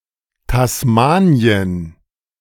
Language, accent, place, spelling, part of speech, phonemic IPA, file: German, Germany, Berlin, Tasmanien, proper noun, /tasˈmaːni̯ən/, De-Tasmanien.ogg
- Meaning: Tasmania (an island group and state of Australia; a former British colony, from 1856 to 1901)